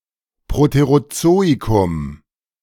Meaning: the Proterozoic
- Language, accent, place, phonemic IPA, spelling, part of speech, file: German, Germany, Berlin, /pʁoteʁoˈtsoːikʊm/, Proterozoikum, proper noun, De-Proterozoikum.ogg